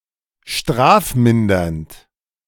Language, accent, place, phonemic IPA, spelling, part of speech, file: German, Germany, Berlin, /ˈʃtʁaːfˌmɪndɐnt/, strafmindernd, adjective, De-strafmindernd.ogg
- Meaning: synonym of strafmildernd